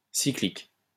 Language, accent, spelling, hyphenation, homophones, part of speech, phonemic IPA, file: French, France, cyclique, cy‧clique, cycliques, adjective, /si.klik/, LL-Q150 (fra)-cyclique.wav
- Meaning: cyclic, cyclical